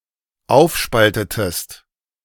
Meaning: inflection of aufspalten: 1. second-person singular dependent preterite 2. second-person singular dependent subjunctive II
- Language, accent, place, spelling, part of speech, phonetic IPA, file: German, Germany, Berlin, aufspaltetest, verb, [ˈaʊ̯fˌʃpaltətəst], De-aufspaltetest.ogg